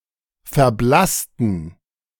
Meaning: inflection of verblassen: 1. first/third-person plural preterite 2. first/third-person plural subjunctive II
- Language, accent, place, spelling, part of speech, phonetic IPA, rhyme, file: German, Germany, Berlin, verblassten, adjective / verb, [fɛɐ̯ˈblastn̩], -astn̩, De-verblassten.ogg